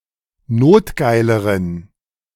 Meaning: inflection of notgeil: 1. strong genitive masculine/neuter singular comparative degree 2. weak/mixed genitive/dative all-gender singular comparative degree
- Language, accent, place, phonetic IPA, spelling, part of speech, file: German, Germany, Berlin, [ˈnoːtˌɡaɪ̯ləʁən], notgeileren, adjective, De-notgeileren.ogg